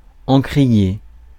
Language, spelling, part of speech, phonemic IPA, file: French, encrier, noun, /ɑ̃.kʁi.je/, Fr-encrier.ogg
- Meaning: inkwell